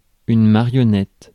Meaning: 1. marionette, puppet 2. puppet (someone who is easily influenced or controlled by another)
- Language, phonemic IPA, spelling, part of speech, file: French, /ma.ʁjɔ.nɛt/, marionnette, noun, Fr-marionnette.ogg